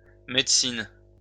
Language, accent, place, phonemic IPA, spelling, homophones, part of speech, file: French, France, Lyon, /mɛd.sin/, médecines, médicene / médicenent, noun, LL-Q150 (fra)-médecines.wav
- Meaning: plural of médecine